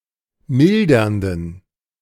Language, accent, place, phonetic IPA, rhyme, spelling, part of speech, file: German, Germany, Berlin, [ˈmɪldɐndn̩], -ɪldɐndn̩, mildernden, adjective, De-mildernden.ogg
- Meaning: inflection of mildernd: 1. strong genitive masculine/neuter singular 2. weak/mixed genitive/dative all-gender singular 3. strong/weak/mixed accusative masculine singular 4. strong dative plural